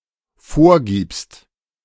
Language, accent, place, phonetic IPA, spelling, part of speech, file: German, Germany, Berlin, [ˈfoːɐ̯ˌɡiːpst], vorgibst, verb, De-vorgibst.ogg
- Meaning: second-person singular dependent present of vorgeben